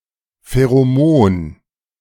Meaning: pheromone
- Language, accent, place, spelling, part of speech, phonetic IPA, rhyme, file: German, Germany, Berlin, Pheromon, noun, [feʁoˈmoːn], -oːn, De-Pheromon.ogg